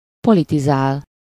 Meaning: 1. to politicize (to discuss politics) 2. to be engaged in politics
- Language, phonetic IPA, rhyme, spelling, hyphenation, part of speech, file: Hungarian, [ˈpolitizaːl], -aːl, politizál, po‧li‧ti‧zál, verb, Hu-politizál.ogg